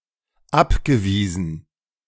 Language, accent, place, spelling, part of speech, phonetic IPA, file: German, Germany, Berlin, abgewiesen, verb, [ˈapɡəˌviːzn̩], De-abgewiesen.ogg
- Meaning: past participle of abweisen